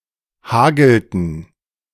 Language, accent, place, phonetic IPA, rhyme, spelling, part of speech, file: German, Germany, Berlin, [ˈhaːɡl̩tn̩], -aːɡl̩tn̩, hagelten, verb, De-hagelten.ogg
- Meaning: inflection of hageln: 1. third-person plural preterite 2. third-person plural subjunctive II